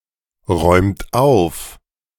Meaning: inflection of aufräumen: 1. third-person singular present 2. second-person plural present 3. plural imperative
- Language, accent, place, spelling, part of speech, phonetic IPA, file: German, Germany, Berlin, räumt auf, verb, [ˌʁɔɪ̯mt ˈaʊ̯f], De-räumt auf.ogg